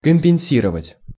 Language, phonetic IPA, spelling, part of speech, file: Russian, [kəm⁽ʲ⁾pʲɪn⁽ʲ⁾ˈsʲirəvətʲ], компенсировать, verb, Ru-компенсировать.ogg
- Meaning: 1. to compensate 2. to atone 3. to reimburse, to recoup 4. to indemnify, to recompense 5. to equilibrate